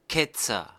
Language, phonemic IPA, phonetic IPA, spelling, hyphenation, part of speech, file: German, /ˈkɛtsəʁ/, [ˈkɛ.t͡sɐ], Ketzer, Ket‧zer, noun, De-Ketzer.ogg
- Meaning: heretic (male or of unspecified gender)